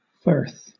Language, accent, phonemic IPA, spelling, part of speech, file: English, Southern England, /fɜːθ/, firth, noun, LL-Q1860 (eng)-firth.wav
- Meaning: An arm or inlet of the sea; a river estuary